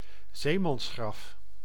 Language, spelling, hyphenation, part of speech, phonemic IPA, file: Dutch, zeemansgraf, zee‧mans‧graf, noun, /ˈzeː.mɑnsˌxrɑf/, Nl-zeemansgraf.ogg
- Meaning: burial at sea